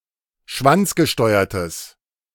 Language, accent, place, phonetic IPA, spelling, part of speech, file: German, Germany, Berlin, [ˈʃvant͡sɡəˌʃtɔɪ̯ɐtəs], schwanzgesteuertes, adjective, De-schwanzgesteuertes.ogg
- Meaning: strong/mixed nominative/accusative neuter singular of schwanzgesteuert